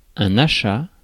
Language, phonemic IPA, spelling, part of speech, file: French, /a.ʃa/, achat, noun, Fr-achat.ogg
- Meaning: buy, purchase